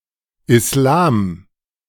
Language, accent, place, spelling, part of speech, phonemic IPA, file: German, Germany, Berlin, Islam, proper noun, /ɪsˈlaːm/, De-Islam.ogg
- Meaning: Islam